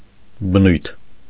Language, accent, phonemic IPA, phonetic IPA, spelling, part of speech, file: Armenian, Eastern Armenian, /bəˈnujtʰ/, [bənújtʰ], բնույթ, noun, Hy-բնույթ.ogg
- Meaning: nature, character